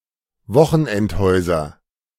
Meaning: nominative/accusative/genitive plural of Wochenendhaus
- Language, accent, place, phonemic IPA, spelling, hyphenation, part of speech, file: German, Germany, Berlin, /ˈvɔxn̩ʔɛntˌhɔɪ̯zɐ/, Wochenendhäuser, Wo‧chen‧end‧häu‧ser, noun, De-Wochenendhäuser.ogg